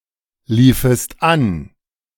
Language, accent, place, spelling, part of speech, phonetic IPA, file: German, Germany, Berlin, liefest an, verb, [ˌliːfəst ˈan], De-liefest an.ogg
- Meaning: second-person singular subjunctive II of anlaufen